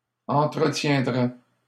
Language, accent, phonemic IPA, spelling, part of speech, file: French, Canada, /ɑ̃.tʁə.tjɛ̃.dʁɛ/, entretiendrait, verb, LL-Q150 (fra)-entretiendrait.wav
- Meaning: third-person singular conditional of entretenir